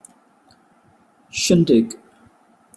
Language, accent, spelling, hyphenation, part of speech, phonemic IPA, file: English, UK, shindig, shin‧dig, noun, /ˈʃɪn.dɪɡ/, En-uk-shindig.opus
- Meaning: 1. A noisy party or festivities 2. A noisy argument